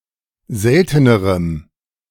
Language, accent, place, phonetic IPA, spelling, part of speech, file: German, Germany, Berlin, [ˈzɛltənəʁəm], seltenerem, adjective, De-seltenerem.ogg
- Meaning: strong dative masculine/neuter singular comparative degree of selten